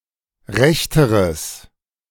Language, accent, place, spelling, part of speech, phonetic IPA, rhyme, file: German, Germany, Berlin, rechteres, adjective, [ˈʁɛçtəʁəs], -ɛçtəʁəs, De-rechteres.ogg
- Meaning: strong/mixed nominative/accusative neuter singular comparative degree of recht